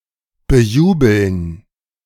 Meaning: to cheer
- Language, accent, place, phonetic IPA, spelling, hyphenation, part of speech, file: German, Germany, Berlin, [bəˈjuːbl̩n], bejubeln, be‧ju‧beln, verb, De-bejubeln.ogg